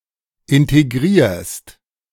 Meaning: second-person singular present of integrieren
- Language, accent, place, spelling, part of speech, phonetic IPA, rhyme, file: German, Germany, Berlin, integrierst, verb, [ˌɪnteˈɡʁiːɐ̯st], -iːɐ̯st, De-integrierst.ogg